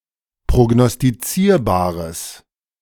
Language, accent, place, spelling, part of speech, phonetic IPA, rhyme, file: German, Germany, Berlin, prognostizierbares, adjective, [pʁoɡnɔstiˈt͡siːɐ̯baːʁəs], -iːɐ̯baːʁəs, De-prognostizierbares.ogg
- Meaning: strong/mixed nominative/accusative neuter singular of prognostizierbar